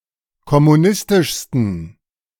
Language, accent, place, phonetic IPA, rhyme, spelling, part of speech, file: German, Germany, Berlin, [kɔmuˈnɪstɪʃstn̩], -ɪstɪʃstn̩, kommunistischsten, adjective, De-kommunistischsten.ogg
- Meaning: 1. superlative degree of kommunistisch 2. inflection of kommunistisch: strong genitive masculine/neuter singular superlative degree